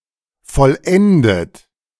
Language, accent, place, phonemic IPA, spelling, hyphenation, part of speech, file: German, Germany, Berlin, /fɔlˈɛndət/, vollendet, voll‧en‧det, verb / adjective, De-vollendet.ogg
- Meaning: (verb) past participle of vollenden; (adjective) perfect, accomplished